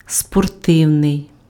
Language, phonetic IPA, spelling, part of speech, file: Ukrainian, [spɔrˈtɪu̯nei̯], спортивний, adjective, Uk-спортивний.ogg
- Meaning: sporting, sports (attributive) (pertaining to sports)